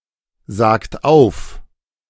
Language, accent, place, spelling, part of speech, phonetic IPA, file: German, Germany, Berlin, sagt auf, verb, [ˌzaːkt ˈaʊ̯f], De-sagt auf.ogg
- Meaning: inflection of aufsagen: 1. third-person singular present 2. second-person plural present 3. plural imperative